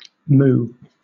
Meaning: A pout, especially as expressing mock-annoyance or flirtatiousness
- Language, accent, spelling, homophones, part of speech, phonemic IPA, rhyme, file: English, Southern England, moue, moo, noun, /muː/, -uː, LL-Q1860 (eng)-moue.wav